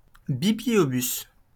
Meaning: mobile library
- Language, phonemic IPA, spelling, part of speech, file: French, /bi.bli.jo.bys/, bibliobus, noun, LL-Q150 (fra)-bibliobus.wav